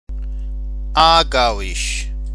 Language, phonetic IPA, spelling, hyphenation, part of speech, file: German, [ˈaːɐ̯ˌɡaʊ̯ɪʃ], aargauisch, aar‧gau‧isch, adjective, De-aargauisch.ogg
- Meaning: of Aargau